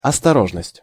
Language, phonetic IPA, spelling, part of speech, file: Russian, [ɐstɐˈroʐnəsʲtʲ], осторожность, noun, Ru-осторожность.ogg
- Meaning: care, caution, prudence